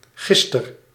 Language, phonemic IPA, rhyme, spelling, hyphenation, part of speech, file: Dutch, /ˈɣɪs.tər/, -ɪstər, gister, gis‧ter, adverb, Nl-gister.ogg
- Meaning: alternative form of gisteren (“yesterday”)